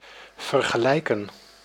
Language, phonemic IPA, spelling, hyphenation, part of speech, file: Dutch, /vər.ɣəˈlɛi̯.kə(n)/, vergelijken, ver‧ge‧lij‧ken, verb, Nl-vergelijken.ogg
- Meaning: to compare